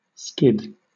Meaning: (noun) An out-of-control sliding motion as would result from applying the brakes too hard in a car or other vehicle
- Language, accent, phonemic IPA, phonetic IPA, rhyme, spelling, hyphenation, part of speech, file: English, Southern England, /ˈskɪd/, [ˈskɪd], -ɪd, skid, skid, noun / verb, LL-Q1860 (eng)-skid.wav